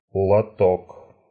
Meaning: tray, pan; chute
- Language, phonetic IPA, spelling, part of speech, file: Russian, [ɫɐˈtok], лоток, noun, Ru-лото́к.ogg